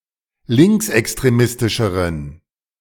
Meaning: inflection of linksextremistisch: 1. strong genitive masculine/neuter singular comparative degree 2. weak/mixed genitive/dative all-gender singular comparative degree
- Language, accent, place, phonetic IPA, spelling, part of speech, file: German, Germany, Berlin, [ˈlɪŋksʔɛkstʁeˌmɪstɪʃəʁən], linksextremistischeren, adjective, De-linksextremistischeren.ogg